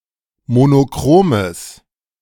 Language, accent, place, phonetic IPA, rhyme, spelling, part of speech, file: German, Germany, Berlin, [monoˈkʁoːməs], -oːməs, monochromes, adjective, De-monochromes.ogg
- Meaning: strong/mixed nominative/accusative neuter singular of monochrom